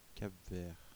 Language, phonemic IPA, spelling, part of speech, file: French, /kap vɛʁ/, Cap Vert, proper noun, Fr-Cap Vert.ogg
- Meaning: Cape Verde (an archipelago and country in West Africa)